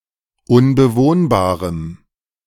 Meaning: strong dative masculine/neuter singular of unbewohnbar
- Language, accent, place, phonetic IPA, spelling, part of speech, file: German, Germany, Berlin, [ʊnbəˈvoːnbaːʁəm], unbewohnbarem, adjective, De-unbewohnbarem.ogg